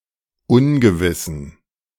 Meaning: inflection of ungewiss: 1. strong genitive masculine/neuter singular 2. weak/mixed genitive/dative all-gender singular 3. strong/weak/mixed accusative masculine singular 4. strong dative plural
- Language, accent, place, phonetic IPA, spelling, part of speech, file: German, Germany, Berlin, [ˈʊnɡəvɪsn̩], ungewissen, adjective, De-ungewissen.ogg